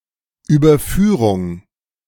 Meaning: 1. flyover, overpass 2. verbal noun of überführen (see verb senses)
- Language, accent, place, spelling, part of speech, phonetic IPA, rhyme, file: German, Germany, Berlin, Überführung, noun, [yːbɐˈfyːʁʊŋ], -yːʁʊŋ, De-Überführung.ogg